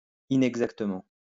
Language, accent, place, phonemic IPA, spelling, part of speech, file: French, France, Lyon, /i.nɛɡ.zak.tə.mɑ̃/, inexactement, adverb, LL-Q150 (fra)-inexactement.wav
- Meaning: inexactly; imprecisely